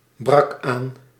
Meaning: singular past indicative of aanbreken
- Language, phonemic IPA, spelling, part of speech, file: Dutch, /ˌbrɑk ˈaːn/, brak aan, verb, Nl-brak aan.ogg